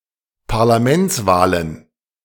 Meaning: plural of Parlamentswahl
- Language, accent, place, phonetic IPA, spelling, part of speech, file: German, Germany, Berlin, [paʁlaˈmɛnt͡sˌvaːlən], Parlamentswahlen, noun, De-Parlamentswahlen.ogg